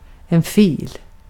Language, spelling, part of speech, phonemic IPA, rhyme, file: Swedish, fil, noun, /fiːl/, -iːl, Sv-fil.ogg
- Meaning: 1. a file (a tool) 2. a row of objects; most commonly used about moving objects 3. a section of roadway for a single line of vehicles, a lane 4. file 5. abbreviation of filmjölk